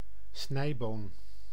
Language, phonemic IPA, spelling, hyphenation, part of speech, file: Dutch, /ˈsnɛi̯.boːn/, snijboon, snij‧boon, noun, Nl-snijboon.ogg
- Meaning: a flat bean, a long variety of Phaseolus vulgaris, with flat pods and fully matured seeds